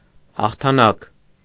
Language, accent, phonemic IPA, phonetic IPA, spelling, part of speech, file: Armenian, Eastern Armenian, /hɑχtʰɑˈnɑk/, [hɑχtʰɑnɑ́k], հաղթանակ, noun, Hy-հաղթանակ.ogg
- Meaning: victory; win